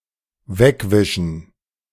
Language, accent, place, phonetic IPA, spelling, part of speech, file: German, Germany, Berlin, [ˈvɛkvɪʃn̩], wegwischen, verb, De-wegwischen.ogg
- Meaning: to wipe away